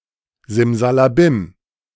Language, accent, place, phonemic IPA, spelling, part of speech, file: German, Germany, Berlin, /ˌzɪmzalaˈbɪm/, Simsalabim, noun, De-Simsalabim.ogg
- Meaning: abracadabra, hocus-pocus